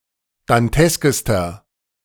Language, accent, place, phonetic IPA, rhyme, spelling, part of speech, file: German, Germany, Berlin, [danˈtɛskəstɐ], -ɛskəstɐ, danteskester, adjective, De-danteskester.ogg
- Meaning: inflection of dantesk: 1. strong/mixed nominative masculine singular superlative degree 2. strong genitive/dative feminine singular superlative degree 3. strong genitive plural superlative degree